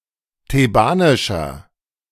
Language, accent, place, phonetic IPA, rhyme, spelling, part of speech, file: German, Germany, Berlin, [teˈbaːnɪʃɐ], -aːnɪʃɐ, thebanischer, adjective, De-thebanischer.ogg
- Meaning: inflection of thebanisch: 1. strong/mixed nominative masculine singular 2. strong genitive/dative feminine singular 3. strong genitive plural